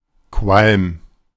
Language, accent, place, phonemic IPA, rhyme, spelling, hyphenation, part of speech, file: German, Germany, Berlin, /kvalm/, -alm, Qualm, Qualm, noun, De-Qualm.ogg
- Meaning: smoke, particularly when very dense or regarded as unpleasant; fume